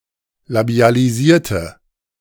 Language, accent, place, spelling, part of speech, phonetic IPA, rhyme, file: German, Germany, Berlin, labialisierte, adjective / verb, [labi̯aliˈziːɐ̯tə], -iːɐ̯tə, De-labialisierte.ogg
- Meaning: inflection of labialisieren: 1. first/third-person singular preterite 2. first/third-person singular subjunctive II